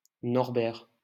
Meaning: a male given name, equivalent to English Norbert
- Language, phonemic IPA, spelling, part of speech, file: French, /nɔʁ.bɛʁ/, Norbert, proper noun, LL-Q150 (fra)-Norbert.wav